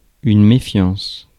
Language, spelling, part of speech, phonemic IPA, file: French, méfiance, noun, /me.fjɑ̃s/, Fr-méfiance.ogg
- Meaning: distrust (lack of trust or confidence)